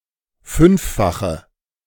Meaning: inflection of fünffach: 1. strong/mixed nominative/accusative feminine singular 2. strong nominative/accusative plural 3. weak nominative all-gender singular
- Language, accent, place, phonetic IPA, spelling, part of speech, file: German, Germany, Berlin, [ˈfʏnfˌfaxə], fünffache, adjective, De-fünffache.ogg